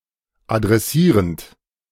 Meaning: present participle of adressieren
- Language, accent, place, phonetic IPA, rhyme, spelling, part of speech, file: German, Germany, Berlin, [adʁɛˈsiːʁənt], -iːʁənt, adressierend, verb, De-adressierend.ogg